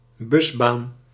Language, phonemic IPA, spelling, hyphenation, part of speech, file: Dutch, /ˈbʏs.baːn/, busbaan, bus‧baan, noun, Nl-busbaan.ogg
- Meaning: a bus lane